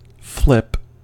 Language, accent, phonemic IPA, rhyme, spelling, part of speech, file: English, US, /flɪp/, -ɪp, flip, noun / verb / interjection / adjective, En-us-flip.ogg
- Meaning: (noun) 1. A maneuver which rotates an object end over end 2. A complete change of direction, decision, movement etc 3. A fillip or light blow 4. A whit or jot; the tiniest amount 5. A short flight